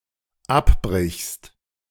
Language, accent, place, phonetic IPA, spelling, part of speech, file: German, Germany, Berlin, [ˈapˌbʁɪçst], abbrichst, verb, De-abbrichst.ogg
- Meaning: second-person singular dependent present of abbrechen